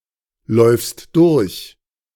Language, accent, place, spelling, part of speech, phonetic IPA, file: German, Germany, Berlin, läufst durch, verb, [ˌlɔɪ̯fst ˈdʊʁç], De-läufst durch.ogg
- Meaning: second-person singular present of durchlaufen